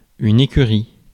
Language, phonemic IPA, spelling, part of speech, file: French, /e.ky.ʁi/, écurie, noun, Fr-écurie.ogg
- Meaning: 1. stable 2. pigsty (messy place) 3. constructor